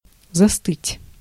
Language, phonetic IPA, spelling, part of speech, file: Russian, [zɐˈstɨtʲ], застыть, verb, Ru-застыть.ogg
- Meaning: 1. to thicken, to harden, to solidify 2. to cool down 3. to freeze, to feel cold; to catch cold 4. to stiffen, to freeze, to be / become / stand stockstill